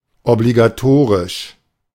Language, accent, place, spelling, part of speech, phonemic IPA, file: German, Germany, Berlin, obligatorisch, adjective, /ɔbliɡaˈtoːʁɪʃ/, De-obligatorisch.ogg
- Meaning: compulsory (mandatory)